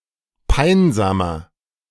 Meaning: 1. comparative degree of peinsam 2. inflection of peinsam: strong/mixed nominative masculine singular 3. inflection of peinsam: strong genitive/dative feminine singular
- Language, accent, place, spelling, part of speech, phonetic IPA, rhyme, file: German, Germany, Berlin, peinsamer, adjective, [ˈpaɪ̯nzaːmɐ], -aɪ̯nzaːmɐ, De-peinsamer.ogg